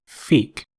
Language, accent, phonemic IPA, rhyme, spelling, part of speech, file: English, US, /fik/, -iːk, fiqh, noun, En-us-fiqh.ogg
- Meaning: Jurisprudence in the Islamic law, shari'a